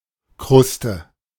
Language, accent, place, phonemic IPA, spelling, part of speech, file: German, Germany, Berlin, /ˈkʁʊstə/, Kruste, noun, De-Kruste.ogg
- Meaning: 1. crust 2. scab on a wound